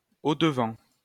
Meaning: in front (of)
- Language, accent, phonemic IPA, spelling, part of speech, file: French, France, /o.d(ə).vɑ̃/, au-devant, adverb, LL-Q150 (fra)-au-devant.wav